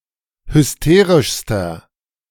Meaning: inflection of hysterisch: 1. strong/mixed nominative masculine singular superlative degree 2. strong genitive/dative feminine singular superlative degree 3. strong genitive plural superlative degree
- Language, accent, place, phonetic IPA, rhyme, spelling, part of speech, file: German, Germany, Berlin, [hʏsˈteːʁɪʃstɐ], -eːʁɪʃstɐ, hysterischster, adjective, De-hysterischster.ogg